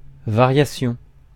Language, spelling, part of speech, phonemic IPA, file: French, variation, noun, /va.ʁja.sjɔ̃/, Fr-variation.ogg
- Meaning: variation